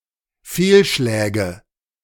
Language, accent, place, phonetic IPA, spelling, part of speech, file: German, Germany, Berlin, [ˈfeːlˌʃlɛːɡə], Fehlschläge, noun, De-Fehlschläge.ogg
- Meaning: nominative/accusative/genitive plural of Fehlschlag